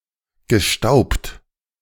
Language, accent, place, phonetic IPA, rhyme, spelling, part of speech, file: German, Germany, Berlin, [ɡəˈʃtaʊ̯pt], -aʊ̯pt, gestaubt, verb, De-gestaubt.ogg
- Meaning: past participle of stauben